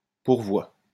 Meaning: appeal
- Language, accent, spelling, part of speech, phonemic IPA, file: French, France, pourvoi, noun, /puʁ.vwa/, LL-Q150 (fra)-pourvoi.wav